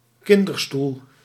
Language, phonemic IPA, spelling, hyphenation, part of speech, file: Dutch, /ˈkɪn.dərˌstul/, kinderstoel, kinder‧stoel, noun, Nl-kinderstoel.ogg
- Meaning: 1. a highchair (raised chair for small children) 2. a children's chair (small chair for children)